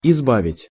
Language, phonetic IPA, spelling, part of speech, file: Russian, [ɪzˈbavʲɪtʲ], избавить, verb, Ru-избавить.ogg
- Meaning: to rid, to save, to relieve